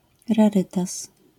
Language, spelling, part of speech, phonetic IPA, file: Polish, rarytas, noun, [raˈrɨtas], LL-Q809 (pol)-rarytas.wav